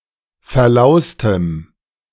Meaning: strong dative masculine/neuter singular of verlaust
- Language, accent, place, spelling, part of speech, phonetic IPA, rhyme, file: German, Germany, Berlin, verlaustem, adjective, [fɛɐ̯ˈlaʊ̯stəm], -aʊ̯stəm, De-verlaustem.ogg